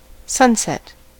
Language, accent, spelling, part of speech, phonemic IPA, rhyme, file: English, US, sunset, noun / verb, /ˈsʌnˌsɛt/, -ʌnsɛt, En-us-sunset.ogg
- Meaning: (noun) 1. The moment each evening when the sun disappears below the western horizon 2. The changes in color of the sky before and after sunset 3. The final period of the life of a person or thing